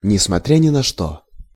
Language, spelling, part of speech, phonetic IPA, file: Russian, несмотря ни на что, phrase, [nʲɪsmɐˈtrʲa nʲɪ‿nɐ‿ˈʂto], Ru-несмотря ни на что.ogg
- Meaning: against all odds (despite seemingly insurmountable opposition or probability)